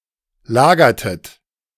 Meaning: inflection of lagern: 1. second-person plural preterite 2. second-person plural subjunctive II
- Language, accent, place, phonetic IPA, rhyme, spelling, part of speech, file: German, Germany, Berlin, [ˈlaːɡɐtət], -aːɡɐtət, lagertet, verb, De-lagertet.ogg